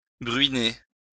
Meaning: to drizzle
- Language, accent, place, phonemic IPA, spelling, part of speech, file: French, France, Lyon, /bʁɥi.ne/, bruiner, verb, LL-Q150 (fra)-bruiner.wav